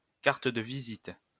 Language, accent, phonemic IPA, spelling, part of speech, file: French, France, /kaʁ.t(ə) də vi.zit/, carte de visite, noun, LL-Q150 (fra)-carte de visite.wav
- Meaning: 1. visiting card, calling card 2. business card (small card with a person’s name and professional information)